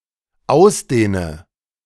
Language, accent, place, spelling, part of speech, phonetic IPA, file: German, Germany, Berlin, ausdehne, verb, [ˈaʊ̯sˌdeːnə], De-ausdehne.ogg
- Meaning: inflection of ausdehnen: 1. first-person singular dependent present 2. first/third-person singular dependent subjunctive I